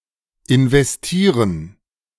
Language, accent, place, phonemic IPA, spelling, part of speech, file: German, Germany, Berlin, /ɪnvɛsˈtiːʁən/, investieren, verb, De-investieren.ogg
- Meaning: 1. to invest (time, money, etc.) 2. to invest (to ceremonially install someone in some office)